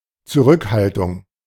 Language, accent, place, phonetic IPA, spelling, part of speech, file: German, Germany, Berlin, [t͡suˈʁʏkˌhaltʊŋ], Zurückhaltung, noun, De-Zurückhaltung.ogg
- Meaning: 1. restraint; reservation, reservedness 2. retention